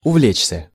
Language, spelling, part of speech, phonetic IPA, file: Russian, увлечься, verb, [ʊˈvlʲet͡ɕsʲə], Ru-увлечься.ogg
- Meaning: 1. to take a great interest in 2. to get carried away (by/with) 3. to take a fancy to, to be infatuated with, to fall for 4. passive of увле́чь (uvléčʹ)